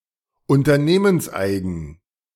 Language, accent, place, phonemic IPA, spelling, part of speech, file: German, Germany, Berlin, /ʊntɐˈneːmənsˌʔaɪ̯ɡn̩/, unternehmenseigen, adjective, De-unternehmenseigen.ogg
- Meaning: company-owned